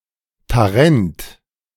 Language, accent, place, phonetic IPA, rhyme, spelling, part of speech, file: German, Germany, Berlin, [taˈʁɛnt], -ɛnt, Tarent, proper noun, De-Tarent.ogg
- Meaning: Taranto (a city and province of Italy)